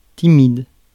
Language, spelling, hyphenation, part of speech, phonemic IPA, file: French, timide, ti‧mide, adjective, /ti.mid/, Fr-timide.ogg
- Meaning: shy, timid